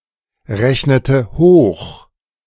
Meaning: inflection of hochrechnen: 1. first/third-person singular preterite 2. first/third-person singular subjunctive II
- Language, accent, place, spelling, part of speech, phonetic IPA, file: German, Germany, Berlin, rechnete hoch, verb, [ˌʁɛçnətə ˈhoːx], De-rechnete hoch.ogg